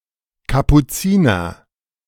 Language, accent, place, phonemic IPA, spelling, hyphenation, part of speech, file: German, Germany, Berlin, /kapuˈt͡siːnɐ/, Kapuziner, Ka‧pu‧zi‧ner, noun, De-Kapuziner.ogg
- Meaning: 1. Capuchin 2. Clipping of Kapuzinerkaffee